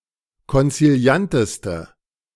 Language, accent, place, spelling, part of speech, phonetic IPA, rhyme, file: German, Germany, Berlin, konzilianteste, adjective, [kɔnt͡siˈli̯antəstə], -antəstə, De-konzilianteste.ogg
- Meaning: inflection of konziliant: 1. strong/mixed nominative/accusative feminine singular superlative degree 2. strong nominative/accusative plural superlative degree